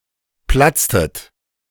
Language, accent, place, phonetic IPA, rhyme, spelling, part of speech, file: German, Germany, Berlin, [ˈplat͡stət], -at͡stət, platztet, verb, De-platztet.ogg
- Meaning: inflection of platzen: 1. second-person plural preterite 2. second-person plural subjunctive II